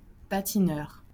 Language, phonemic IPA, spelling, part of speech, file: French, /pa.ti.nœʁ/, patineur, noun, LL-Q150 (fra)-patineur.wav
- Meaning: skater